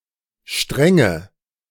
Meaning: nominative/accusative/genitive plural of Strang
- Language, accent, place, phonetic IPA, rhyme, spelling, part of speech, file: German, Germany, Berlin, [ˈʃtʁɛŋə], -ɛŋə, Stränge, noun, De-Stränge.ogg